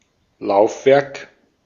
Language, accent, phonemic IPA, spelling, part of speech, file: German, Austria, /ˈlaʊ̯fˌvɛrk/, Laufwerk, noun, De-at-Laufwerk.ogg
- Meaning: 1. drive 2. part of a clockwork mechanism 3. chassis part of a railroad car 4. chassis part of a tracked vehicle